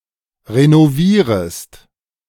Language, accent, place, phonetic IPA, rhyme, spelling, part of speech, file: German, Germany, Berlin, [ʁenoˈviːʁəst], -iːʁəst, renovierest, verb, De-renovierest.ogg
- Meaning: second-person singular subjunctive I of renovieren